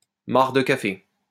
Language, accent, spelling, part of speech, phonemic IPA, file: French, France, marc de café, noun, /maʁ də ka.fe/, LL-Q150 (fra)-marc de café.wav
- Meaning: coffee grounds